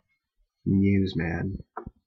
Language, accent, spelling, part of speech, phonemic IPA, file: English, Canada, newsman, noun, /ˈn(j)uːzmæn/, En-ca-newsman.ogg
- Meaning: A male reporter; a male person in the profession of providing news